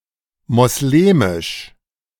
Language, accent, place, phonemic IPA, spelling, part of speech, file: German, Germany, Berlin, /mɔsˈleːmɪʃ/, moslemisch, adjective, De-moslemisch.ogg
- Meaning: Muslim, Islamic